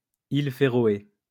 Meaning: Faroe Islands (an archipelago and self-governing autonomous territory of Denmark, in the North Atlantic Ocean between Scotland and Iceland)
- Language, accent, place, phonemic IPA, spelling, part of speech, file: French, France, Lyon, /il fe.ʁɔ.e/, îles Féroé, proper noun, LL-Q150 (fra)-îles Féroé.wav